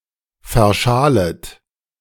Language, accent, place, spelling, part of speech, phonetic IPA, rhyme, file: German, Germany, Berlin, verschalet, verb, [fɛɐ̯ˈʃaːlət], -aːlət, De-verschalet.ogg
- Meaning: second-person plural subjunctive I of verschalen